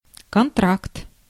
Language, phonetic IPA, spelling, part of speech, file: Russian, [kɐnˈtrakt], контракт, noun, Ru-контракт.ogg
- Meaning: contract, agreement